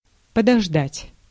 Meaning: to wait
- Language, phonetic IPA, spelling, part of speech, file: Russian, [pədɐʐˈdatʲ], подождать, verb, Ru-подождать.ogg